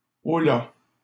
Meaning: hey, oi
- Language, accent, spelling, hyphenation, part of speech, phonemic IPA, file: French, Canada, holà, ho‧là, interjection, /ɔ.la/, LL-Q150 (fra)-holà.wav